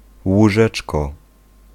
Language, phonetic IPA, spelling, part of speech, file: Polish, [wuˈʒɛt͡ʃkɔ], łóżeczko, noun, Pl-łóżeczko.ogg